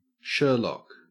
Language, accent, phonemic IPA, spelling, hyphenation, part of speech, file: English, Australia, /ˈʃɜɹ.lɒk/, Sherlock, Sher‧lock, proper noun / verb, En-au-Sherlock.ogg
- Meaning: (proper noun) 1. An English surname transferred from the nickname 2. A male given name transferred from the surname, of rare usage